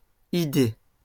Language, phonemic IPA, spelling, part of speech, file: French, /i.de/, idées, noun, LL-Q150 (fra)-idées.wav
- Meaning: plural of idée